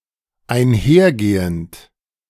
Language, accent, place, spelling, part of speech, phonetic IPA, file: German, Germany, Berlin, einhergehend, verb, [aɪ̯nˈhɛɐ̯ˌɡeːənt], De-einhergehend.ogg
- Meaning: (verb) present participle of einhergehen; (adjective) associated, accompanying